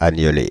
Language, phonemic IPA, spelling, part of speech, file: French, /a.ɲə.le/, agneler, verb, Fr-agneler.ogg
- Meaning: to lamb, to yean